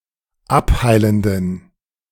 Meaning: inflection of abheilend: 1. strong genitive masculine/neuter singular 2. weak/mixed genitive/dative all-gender singular 3. strong/weak/mixed accusative masculine singular 4. strong dative plural
- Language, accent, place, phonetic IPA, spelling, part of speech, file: German, Germany, Berlin, [ˈapˌhaɪ̯ləndn̩], abheilenden, adjective, De-abheilenden.ogg